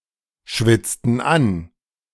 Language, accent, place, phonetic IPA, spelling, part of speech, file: German, Germany, Berlin, [ˌʃvɪt͡stn̩ ˈan], schwitzten an, verb, De-schwitzten an.ogg
- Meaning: inflection of anschwitzen: 1. first/third-person plural preterite 2. first/third-person plural subjunctive II